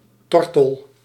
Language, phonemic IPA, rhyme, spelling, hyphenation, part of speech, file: Dutch, /ˈtɔr.təl/, -ɔrtəl, tortel, tor‧tel, noun, Nl-tortel.ogg
- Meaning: 1. synonym of zomertortel 2. short for Turkse tortel